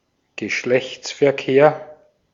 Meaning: sexual intercourse
- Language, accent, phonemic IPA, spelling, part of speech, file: German, Austria, /ɡəˈʃlɛçt͡sfɛɐ̯ˌkeːɐ̯/, Geschlechtsverkehr, noun, De-at-Geschlechtsverkehr.ogg